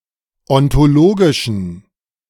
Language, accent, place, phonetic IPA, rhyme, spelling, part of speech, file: German, Germany, Berlin, [ɔntoˈloːɡɪʃn̩], -oːɡɪʃn̩, ontologischen, adjective, De-ontologischen.ogg
- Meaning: inflection of ontologisch: 1. strong genitive masculine/neuter singular 2. weak/mixed genitive/dative all-gender singular 3. strong/weak/mixed accusative masculine singular 4. strong dative plural